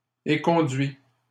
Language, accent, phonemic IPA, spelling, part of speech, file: French, Canada, /e.kɔ̃.dɥi/, éconduit, verb, LL-Q150 (fra)-éconduit.wav
- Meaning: 1. past participle of éconduire 2. third-person singular present indicative of éconduire